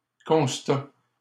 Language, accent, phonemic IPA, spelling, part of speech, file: French, Canada, /kɔ̃s.ta/, constat, noun, LL-Q150 (fra)-constat.wav
- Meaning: 1. constat 2. assessment, analysis 3. report, statement; fact 4. observation, conclusion, view, opinion